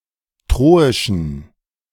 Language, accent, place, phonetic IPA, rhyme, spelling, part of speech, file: German, Germany, Berlin, [ˈtʁoːɪʃn̩], -oːɪʃn̩, troischen, adjective, De-troischen.ogg
- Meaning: inflection of troisch: 1. strong genitive masculine/neuter singular 2. weak/mixed genitive/dative all-gender singular 3. strong/weak/mixed accusative masculine singular 4. strong dative plural